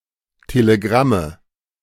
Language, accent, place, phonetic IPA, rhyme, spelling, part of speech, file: German, Germany, Berlin, [teleˈɡʁamə], -amə, Telegramme, noun, De-Telegramme.ogg
- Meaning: nominative/accusative/genitive plural of Telegramm